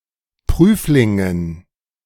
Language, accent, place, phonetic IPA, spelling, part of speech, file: German, Germany, Berlin, [ˈpʁyːflɪŋən], Prüflingen, noun, De-Prüflingen.ogg
- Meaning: dative plural of Prüfling